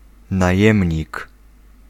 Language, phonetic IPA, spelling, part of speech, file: Polish, [naˈjɛ̃mʲɲik], najemnik, noun, Pl-najemnik.ogg